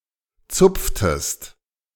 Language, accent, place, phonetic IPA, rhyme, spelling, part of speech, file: German, Germany, Berlin, [ˈt͡sʊp͡ftəst], -ʊp͡ftəst, zupftest, verb, De-zupftest.ogg
- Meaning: inflection of zupfen: 1. second-person singular preterite 2. second-person singular subjunctive II